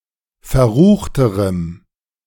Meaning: strong dative masculine/neuter singular comparative degree of verrucht
- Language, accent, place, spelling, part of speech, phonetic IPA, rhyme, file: German, Germany, Berlin, verruchterem, adjective, [fɛɐ̯ˈʁuːxtəʁəm], -uːxtəʁəm, De-verruchterem.ogg